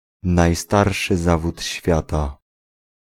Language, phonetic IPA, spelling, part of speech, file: Polish, [najˈstarʃɨ ˈzavutʲ ˈɕfʲjata], najstarszy zawód świata, phrase, Pl-najstarszy zawód świata.ogg